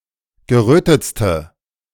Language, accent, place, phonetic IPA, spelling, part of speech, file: German, Germany, Berlin, [ɡəˈʁøːtət͡stə], gerötetste, adjective, De-gerötetste.ogg
- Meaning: inflection of gerötet: 1. strong/mixed nominative/accusative feminine singular superlative degree 2. strong nominative/accusative plural superlative degree